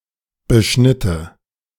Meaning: first/third-person singular subjunctive II of beschneiden
- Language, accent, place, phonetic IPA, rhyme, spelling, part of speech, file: German, Germany, Berlin, [bəˈʃnɪtə], -ɪtə, beschnitte, verb, De-beschnitte.ogg